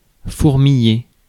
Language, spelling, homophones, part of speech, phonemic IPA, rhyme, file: French, fourmiller, fourmillai / fourmillé / fourmillée / fourmillées / fourmillés / fourmillez, verb, /fuʁ.mi.je/, -e, Fr-fourmiller.ogg
- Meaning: 1. to swarm, to be full of 2. to tingle